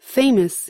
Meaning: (adjective) 1. Well known 2. In the public eye 3. Excellent; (verb) To make famous; to bring renown to
- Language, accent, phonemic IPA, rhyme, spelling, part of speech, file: English, US, /ˈfeɪ.məs/, -eɪməs, famous, adjective / verb, En-us-famous.ogg